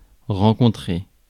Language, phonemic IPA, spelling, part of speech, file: French, /ʁɑ̃.kɔ̃.tʁe/, rencontrer, verb, Fr-rencontrer.ogg
- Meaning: 1. to meet 2. to come across